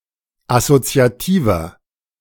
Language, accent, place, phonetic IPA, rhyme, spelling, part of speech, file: German, Germany, Berlin, [asot͡si̯aˈtiːvɐ], -iːvɐ, assoziativer, adjective, De-assoziativer.ogg
- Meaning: 1. comparative degree of assoziativ 2. inflection of assoziativ: strong/mixed nominative masculine singular 3. inflection of assoziativ: strong genitive/dative feminine singular